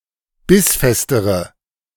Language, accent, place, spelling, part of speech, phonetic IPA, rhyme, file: German, Germany, Berlin, bissfestere, adjective, [ˈbɪsˌfɛstəʁə], -ɪsfɛstəʁə, De-bissfestere.ogg
- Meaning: inflection of bissfest: 1. strong/mixed nominative/accusative feminine singular comparative degree 2. strong nominative/accusative plural comparative degree